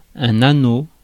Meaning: 1. ring (circular shape) 2. ring (round piece of (precious) metal worn around the finger) 3. ring 4. cringle
- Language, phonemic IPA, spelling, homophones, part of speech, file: French, /a.no/, anneau, anaux / annaux / anneaux, noun, Fr-anneau.ogg